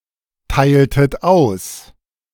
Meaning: inflection of austeilen: 1. second-person plural preterite 2. second-person plural subjunctive II
- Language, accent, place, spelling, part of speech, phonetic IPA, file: German, Germany, Berlin, teiltet aus, verb, [ˌtaɪ̯ltət ˈaʊ̯s], De-teiltet aus.ogg